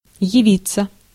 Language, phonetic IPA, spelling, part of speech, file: Russian, [(j)ɪˈvʲit͡sːə], явиться, verb, Ru-явиться.ogg
- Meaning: 1. to report (in person), to appear 2. to turn up